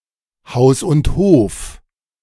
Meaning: one's entire possessions, including real estate
- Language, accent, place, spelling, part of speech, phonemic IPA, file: German, Germany, Berlin, Haus und Hof, noun, /haʊ̯s ʊnt hoːf/, De-Haus und Hof.ogg